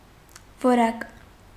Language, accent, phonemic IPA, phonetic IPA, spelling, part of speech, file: Armenian, Eastern Armenian, /voˈɾɑk/, [voɾɑ́k], որակ, noun, Hy-որակ.ogg
- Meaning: quality